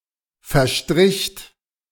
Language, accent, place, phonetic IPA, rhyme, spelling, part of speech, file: German, Germany, Berlin, [fɛɐ̯ˈʃtʁɪçt], -ɪçt, verstricht, verb, De-verstricht.ogg
- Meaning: second-person plural preterite of verstreichen